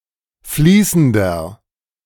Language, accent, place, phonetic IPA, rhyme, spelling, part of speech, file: German, Germany, Berlin, [ˈfliːsn̩dɐ], -iːsn̩dɐ, fließender, adjective, De-fließender.ogg
- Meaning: 1. comparative degree of fließend 2. inflection of fließend: strong/mixed nominative masculine singular 3. inflection of fließend: strong genitive/dative feminine singular